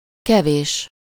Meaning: 1. few, little (not as many/much as usual or as expected) 2. a little, some
- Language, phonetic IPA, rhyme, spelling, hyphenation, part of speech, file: Hungarian, [ˈkɛveːʃ], -eːʃ, kevés, ke‧vés, adjective, Hu-kevés.ogg